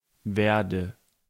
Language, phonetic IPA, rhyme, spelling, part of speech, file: German, [ˈveːɐ̯də], -eːɐ̯də, werde, verb, De-werde.ogg
- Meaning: inflection of werden: 1. first-person singular present 2. first/third-person singular subjunctive I 3. singular imperative